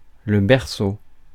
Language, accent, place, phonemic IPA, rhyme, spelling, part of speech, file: French, France, Paris, /bɛʁ.so/, -o, berceau, noun, Fr-berceau.ogg
- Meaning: 1. cradle, crib (bed for a baby) 2. cradle, birthplace, place of origin 3. arch, vault